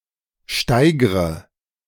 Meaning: inflection of steigern: 1. first-person singular present 2. first/third-person singular subjunctive I 3. singular imperative
- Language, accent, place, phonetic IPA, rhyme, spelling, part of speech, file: German, Germany, Berlin, [ˈʃtaɪ̯ɡʁə], -aɪ̯ɡʁə, steigre, verb, De-steigre.ogg